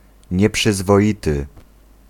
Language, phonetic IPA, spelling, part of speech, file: Polish, [ˌɲɛpʃɨzvɔˈʲitɨ], nieprzyzwoity, adjective, Pl-nieprzyzwoity.ogg